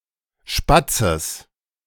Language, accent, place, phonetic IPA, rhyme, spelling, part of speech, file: German, Germany, Berlin, [ˈʃpat͡səs], -at͡səs, Spatzes, noun, De-Spatzes.ogg
- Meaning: genitive singular of Spatz